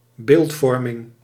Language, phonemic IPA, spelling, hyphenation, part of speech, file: Dutch, /ˈbeːltˌfɔr.mɪŋ/, beeldvorming, beeld‧vor‧ming, noun, Nl-beeldvorming.ogg
- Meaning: 1. framing, perception (social interpretation of observations) 2. imaging, image formation (creation of images of an interior by means of wave phenomena)